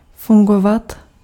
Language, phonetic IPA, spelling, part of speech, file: Czech, [ˈfuŋɡovat], fungovat, verb, Cs-fungovat.ogg
- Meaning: to work, function, operate